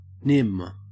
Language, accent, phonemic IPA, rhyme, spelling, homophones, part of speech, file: English, Australia, /nɪm/, -ɪm, nim, nym, verb / noun, En-au-nim.ogg
- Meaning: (verb) 1. To take or seize 2. To filch, steal, pilfer 3. To walk with short, quick strides; trip along; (noun) A game in which players take turns removing objects from heaps